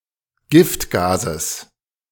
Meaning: genitive singular of Giftgas
- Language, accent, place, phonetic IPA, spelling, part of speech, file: German, Germany, Berlin, [ˈɡɪftˌɡaːzəs], Giftgases, noun, De-Giftgases.ogg